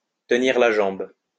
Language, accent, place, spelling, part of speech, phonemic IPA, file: French, France, Lyon, tenir la jambe, verb, /tə.niʁ la ʒɑ̃b/, LL-Q150 (fra)-tenir la jambe.wav
- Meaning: to buttonhole, to detain, to keep talking to (someone) so that they cannot leave